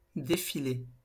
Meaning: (verb) past participle of défiler; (noun) 1. parade; procession 2. march in protest 3. ellipsis of défilé de mode
- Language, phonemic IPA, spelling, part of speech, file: French, /de.fi.le/, défilé, verb / noun, LL-Q150 (fra)-défilé.wav